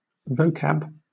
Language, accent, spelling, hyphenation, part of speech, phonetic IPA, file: English, Southern England, vocab, vo‧cab, noun, [ˈvəʊ.kab], LL-Q1860 (eng)-vocab.wav
- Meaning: Vocabulary, especially that acquired while learning a language